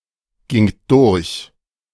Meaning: second-person plural preterite of durchgehen
- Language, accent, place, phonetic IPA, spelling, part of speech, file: German, Germany, Berlin, [ˌɡɪŋt ˈdʊʁç], gingt durch, verb, De-gingt durch.ogg